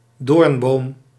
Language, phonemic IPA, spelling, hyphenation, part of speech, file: Dutch, /ˈdoːrn.boːm/, doornboom, doorn‧boom, noun, Nl-doornboom.ogg
- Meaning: a tree or shrub of the genus Crataegus, e.g. a hawthorn or mayblossom